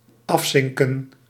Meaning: to submerge, submerse
- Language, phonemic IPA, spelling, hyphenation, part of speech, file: Dutch, /ˈɑfˌsɪŋkə(n)/, afzinken, af‧zin‧ken, verb, Nl-afzinken.ogg